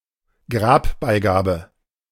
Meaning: funerary object (grave goods)
- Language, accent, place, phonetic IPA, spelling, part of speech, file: German, Germany, Berlin, [ˈɡʁaːpbaɪ̯ˌɡaːbə], Grabbeigabe, noun, De-Grabbeigabe.ogg